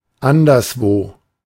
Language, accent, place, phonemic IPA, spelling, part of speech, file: German, Germany, Berlin, /ˈandɐsvoː/, anderswo, adverb, De-anderswo.ogg
- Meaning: elsewhere